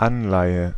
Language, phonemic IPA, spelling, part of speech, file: German, /ˈanlaɪ̯ə/, Anleihe, noun, De-Anleihe.ogg
- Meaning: 1. bond (financial); debenture 2. loan